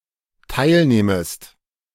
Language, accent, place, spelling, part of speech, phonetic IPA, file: German, Germany, Berlin, teilnehmest, verb, [ˈtaɪ̯lˌneːməst], De-teilnehmest.ogg
- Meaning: second-person singular dependent subjunctive I of teilnehmen